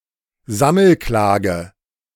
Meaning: class action
- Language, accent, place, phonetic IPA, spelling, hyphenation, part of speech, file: German, Germany, Berlin, [ˈzaml̩ˌklaːɡə], Sammelklage, Sam‧mel‧kla‧ge, noun, De-Sammelklage.ogg